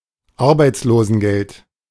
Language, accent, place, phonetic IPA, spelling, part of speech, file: German, Germany, Berlin, [ˈaʁbaɪ̯t͡sloːzn̩ˌɡɛlt], Arbeitslosengeld, noun, De-Arbeitslosengeld.ogg
- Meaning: dole money, unemployment benefit(s), unemployment compensation